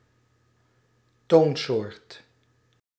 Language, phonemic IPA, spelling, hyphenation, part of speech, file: Dutch, /ˈtoːn.soːrt/, toonsoort, toon‧soort, noun, Nl-toonsoort.ogg
- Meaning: key